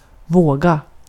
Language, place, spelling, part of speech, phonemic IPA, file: Swedish, Gotland, våga, verb, /²voːɡa/, Sv-våga.ogg
- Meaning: 1. to dare, to have enough courage (to do something) 2. to wave, to shape (hair) like a wave